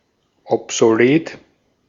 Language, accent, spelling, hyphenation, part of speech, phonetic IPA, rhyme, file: German, Austria, obsolet, ob‧so‧let, adjective, [ɔpzoˈleːt], -eːt, De-at-obsolet.ogg
- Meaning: obsolete